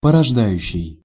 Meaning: present active imperfective participle of порожда́ть (poroždátʹ)
- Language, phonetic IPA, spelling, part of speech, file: Russian, [pərɐʐˈdajʉɕːɪj], порождающий, verb, Ru-порождающий.ogg